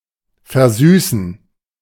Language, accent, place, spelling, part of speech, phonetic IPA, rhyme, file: German, Germany, Berlin, versüßen, verb, [fɛɐ̯ˈzyːsn̩], -yːsn̩, De-versüßen.ogg
- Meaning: 1. to sweeten (with sugar, etc.) 2. to sweeten, to make something seem more pleasant or less unpleasant; to brighten, to make more cheerful (to someone)